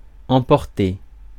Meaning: 1. to take 2. to win 3. to take away, to blow away, to carry away 4. to take away 5. to get angry; to lose one's temper; to flare up
- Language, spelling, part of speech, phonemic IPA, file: French, emporter, verb, /ɑ̃.pɔʁ.te/, Fr-emporter.ogg